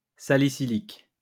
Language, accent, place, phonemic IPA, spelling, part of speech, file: French, France, Lyon, /sa.li.si.lik/, salicylique, adjective, LL-Q150 (fra)-salicylique.wav
- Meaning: salicylic